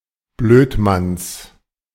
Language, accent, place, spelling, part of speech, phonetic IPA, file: German, Germany, Berlin, Blödmanns, noun, [ˈbløːtˌmans], De-Blödmanns.ogg
- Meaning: genitive singular of Blödmann